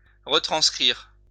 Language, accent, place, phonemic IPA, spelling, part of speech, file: French, France, Lyon, /ʁə.tʁɑ̃s.kʁiʁ/, retranscrire, verb, LL-Q150 (fra)-retranscrire.wav
- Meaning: to retranscribe